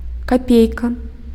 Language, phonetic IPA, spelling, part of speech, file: Belarusian, [kaˈpʲejka], капейка, noun, Be-капейка.ogg
- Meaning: kopek